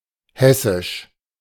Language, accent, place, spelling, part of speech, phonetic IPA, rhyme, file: German, Germany, Berlin, hessisch, adjective, [ˈhɛsɪʃ], -ɛsɪʃ, De-hessisch.ogg
- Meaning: Hessian (of, from or relating to the state of Hesse, Germany)